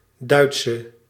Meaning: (noun) German woman; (adjective) inflection of Duits: 1. masculine/feminine singular attributive 2. definite neuter singular attributive 3. plural attributive
- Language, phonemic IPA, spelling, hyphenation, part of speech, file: Dutch, /ˈdœy̯t.sə/, Duitse, Duit‧se, noun / adjective, Nl-Duitse.ogg